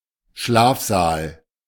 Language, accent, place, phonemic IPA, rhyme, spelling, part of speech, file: German, Germany, Berlin, /ˈʃlaːfzaːl/, -aːl, Schlafsaal, noun, De-Schlafsaal.ogg
- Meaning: dormitory